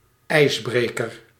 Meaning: 1. icebreaker (shipping) 2. icebreaker (introduction) 3. pioneer
- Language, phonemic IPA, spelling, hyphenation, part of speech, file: Dutch, /ˈɛi̯sˌbreːkər/, ijsbreker, ijs‧bre‧ker, noun, Nl-ijsbreker.ogg